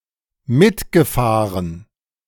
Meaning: past participle of mitfahren
- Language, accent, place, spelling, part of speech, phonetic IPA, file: German, Germany, Berlin, mitgefahren, verb, [ˈmɪtɡəˌfaːʁən], De-mitgefahren.ogg